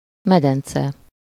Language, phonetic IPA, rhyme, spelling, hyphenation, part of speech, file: Hungarian, [ˈmɛdɛnt͡sɛ], -t͡sɛ, medence, me‧den‧ce, noun, Hu-medence.ogg
- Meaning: 1. basin 2. swimming pool (one particular pool, excluding the reception, changing rooms etc.) 3. pelvis